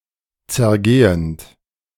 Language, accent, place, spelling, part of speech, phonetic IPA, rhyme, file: German, Germany, Berlin, zergehend, verb, [t͡sɛɐ̯ˈɡeːənt], -eːənt, De-zergehend.ogg
- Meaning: present participle of zergehen